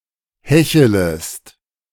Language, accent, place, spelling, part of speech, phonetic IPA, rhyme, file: German, Germany, Berlin, hechelest, verb, [ˈhɛçələst], -ɛçələst, De-hechelest.ogg
- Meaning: second-person singular subjunctive I of hecheln